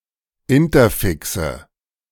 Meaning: nominative/accusative/genitive plural of Interfix
- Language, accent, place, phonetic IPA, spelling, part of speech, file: German, Germany, Berlin, [ˈɪntɐˌfɪksə], Interfixe, noun, De-Interfixe.ogg